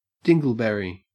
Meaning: 1. Vaccinium erythrocarpum, the southern mountain cranberry 2. A stupid or foolish person 3. Dried fecal matter adhering to anal hair 4. Any residual irregularity following processing
- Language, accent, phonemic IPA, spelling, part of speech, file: English, Australia, /ˈdɪŋɡəɫbɛɹi/, dingleberry, noun, En-au-dingleberry.ogg